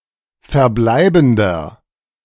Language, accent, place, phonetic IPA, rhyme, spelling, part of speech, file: German, Germany, Berlin, [fɛɐ̯ˈblaɪ̯bn̩dɐ], -aɪ̯bn̩dɐ, verbleibender, adjective, De-verbleibender.ogg
- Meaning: inflection of verbleibend: 1. strong/mixed nominative masculine singular 2. strong genitive/dative feminine singular 3. strong genitive plural